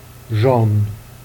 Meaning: young
- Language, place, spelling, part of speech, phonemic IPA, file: Jèrriais, Jersey, janne, adjective, /ʒɑ̃n/, Jer-janne.ogg